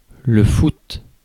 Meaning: 1. association football; football, soccer 2. footy (a nickname for several different football codes)
- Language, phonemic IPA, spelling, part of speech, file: French, /fut/, foot, noun, Fr-foot.ogg